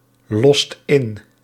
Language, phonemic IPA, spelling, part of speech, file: Dutch, /ˈlɔst ˈɪn/, lost in, verb, Nl-lost in.ogg
- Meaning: inflection of inlossen: 1. second/third-person singular present indicative 2. plural imperative